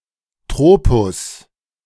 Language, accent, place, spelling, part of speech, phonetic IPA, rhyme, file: German, Germany, Berlin, Tropus, noun, [ˈtʁoːpʊs], -oːpʊs, De-Tropus.ogg
- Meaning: trope (figure of speech)